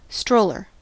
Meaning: 1. A seat or chair on wheels, pushed by somebody walking behind it, typically used for transporting babies and young children 2. One who strolls 3. A vagrant
- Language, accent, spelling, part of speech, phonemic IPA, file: English, US, stroller, noun, /ˈstɹoʊlɚ/, En-us-stroller.ogg